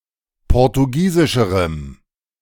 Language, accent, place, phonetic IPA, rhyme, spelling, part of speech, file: German, Germany, Berlin, [ˌpɔʁtuˈɡiːzɪʃəʁəm], -iːzɪʃəʁəm, portugiesischerem, adjective, De-portugiesischerem.ogg
- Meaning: strong dative masculine/neuter singular comparative degree of portugiesisch